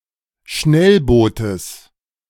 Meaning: genitive of Schnellboot
- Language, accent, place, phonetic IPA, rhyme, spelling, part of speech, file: German, Germany, Berlin, [ˈʃnɛlˌboːtəs], -ɛlboːtəs, Schnellbootes, noun, De-Schnellbootes.ogg